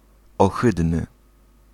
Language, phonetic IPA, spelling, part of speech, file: Polish, [ɔˈxɨdnɨ], ohydny, adjective, Pl-ohydny.ogg